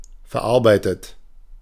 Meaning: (verb) past participle of verarbeiten; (adjective) processed; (verb) inflection of verarbeiten: 1. third-person singular present 2. second-person plural present 3. second-person plural subjunctive I
- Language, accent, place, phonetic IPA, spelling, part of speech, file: German, Germany, Berlin, [fɛɐ̯ˈʔaʁbaɪ̯tət], verarbeitet, verb, De-verarbeitet.ogg